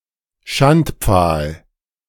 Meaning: pillory
- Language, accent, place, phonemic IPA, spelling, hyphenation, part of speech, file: German, Germany, Berlin, /ˈʃantp͡faːl/, Schandpfahl, Schand‧pfahl, noun, De-Schandpfahl.ogg